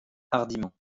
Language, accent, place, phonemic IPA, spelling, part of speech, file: French, France, Lyon, /aʁ.di.mɑ̃/, hardiment, adverb, LL-Q150 (fra)-hardiment.wav
- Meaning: boldly; daringly